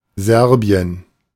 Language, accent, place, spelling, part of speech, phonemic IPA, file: German, Germany, Berlin, Serbien, proper noun, /ˈzɛʁbi̯ən/, De-Serbien.ogg
- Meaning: Serbia (a country on the Balkan Peninsula in Southeastern Europe)